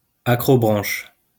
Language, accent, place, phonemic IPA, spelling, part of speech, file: French, France, Lyon, /a.kʁɔ.bʁɑ̃ʃ/, accrobranche, noun, LL-Q150 (fra)-accrobranche.wav
- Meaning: a type of adventure park involving ropes or cables suspended through trees